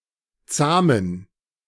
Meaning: inflection of zahm: 1. strong genitive masculine/neuter singular 2. weak/mixed genitive/dative all-gender singular 3. strong/weak/mixed accusative masculine singular 4. strong dative plural
- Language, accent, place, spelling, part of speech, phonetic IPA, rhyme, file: German, Germany, Berlin, zahmen, adjective, [ˈt͡saːmən], -aːmən, De-zahmen.ogg